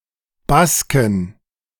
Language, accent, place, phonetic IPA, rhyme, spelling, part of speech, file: German, Germany, Berlin, [ˈbaskn̩], -askn̩, Basken, noun, De-Basken.ogg
- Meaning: inflection of Baske: 1. genitive/dative/accusative singular 2. nominative/genitive/dative/accusative plural